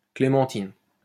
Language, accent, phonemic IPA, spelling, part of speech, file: French, France, /kle.mɑ̃.tin/, clémentine, noun, LL-Q150 (fra)-clémentine.wav
- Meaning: clementine (fruit)